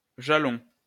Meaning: 1. ranging pole, ranging rod 2. foundation, groundwork 3. milestone, landmark
- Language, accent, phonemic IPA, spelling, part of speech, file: French, France, /ʒa.lɔ̃/, jalon, noun, LL-Q150 (fra)-jalon.wav